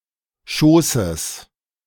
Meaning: genitive singular of Schoß
- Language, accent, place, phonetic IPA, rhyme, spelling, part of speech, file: German, Germany, Berlin, [ˈʃoːsəs], -oːsəs, Schoßes, noun, De-Schoßes.ogg